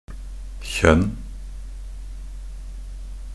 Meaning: 1. kind, species (a type, race or category) 2. descendants, lineage (descent in a line from a common progenitor)
- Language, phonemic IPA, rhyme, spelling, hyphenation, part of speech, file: Norwegian Bokmål, /çœnː/, -œnː, kjønn, kjønn, noun, Nb-kjønn.ogg